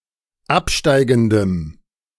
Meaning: strong dative masculine/neuter singular of absteigend
- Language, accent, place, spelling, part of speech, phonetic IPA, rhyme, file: German, Germany, Berlin, absteigendem, adjective, [ˈapˌʃtaɪ̯ɡn̩dəm], -apʃtaɪ̯ɡn̩dəm, De-absteigendem.ogg